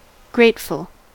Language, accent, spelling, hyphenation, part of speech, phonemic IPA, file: English, General American, grateful, grate‧ful, adjective, /ˈɡɹeɪtf(ə)l/, En-us-grateful.ogg
- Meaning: Of a person or their actions, feelings, etc.: expressing gratitude or appreciation; appreciative, thankful